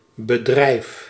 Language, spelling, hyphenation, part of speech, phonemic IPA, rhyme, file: Dutch, bedrijf, be‧drijf, noun / verb, /bəˈdrɛi̯f/, -ɛi̯f, Nl-bedrijf.ogg
- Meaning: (noun) 1. business, economic activity 2. profession 3. company, firm, corporation 4. act, major unit in a theatre piece; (verb) inflection of bedrijven: first-person singular present indicative